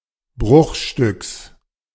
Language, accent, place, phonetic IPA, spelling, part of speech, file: German, Germany, Berlin, [ˈbʁʊxˌʃtʏks], Bruchstücks, noun, De-Bruchstücks.ogg
- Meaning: genitive singular of Bruchstück